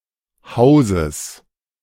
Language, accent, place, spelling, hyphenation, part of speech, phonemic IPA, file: German, Germany, Berlin, Hauses, Hau‧ses, noun, /ˈhaʊ̯zəs/, De-Hauses.ogg
- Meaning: genitive singular of Haus